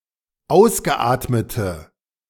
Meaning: inflection of ausgeatmet: 1. strong/mixed nominative/accusative feminine singular 2. strong nominative/accusative plural 3. weak nominative all-gender singular
- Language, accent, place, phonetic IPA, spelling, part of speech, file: German, Germany, Berlin, [ˈaʊ̯sɡəˌʔaːtmətə], ausgeatmete, adjective, De-ausgeatmete.ogg